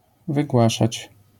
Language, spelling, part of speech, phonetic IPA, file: Polish, wygłaszać, verb, [vɨˈɡwaʃat͡ɕ], LL-Q809 (pol)-wygłaszać.wav